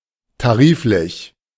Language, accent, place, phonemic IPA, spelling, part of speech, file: German, Germany, Berlin, /taˈʁiːfˌlɪç/, tariflich, adjective, De-tariflich.ogg
- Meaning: 1. tariff 2. according to the agreed union rate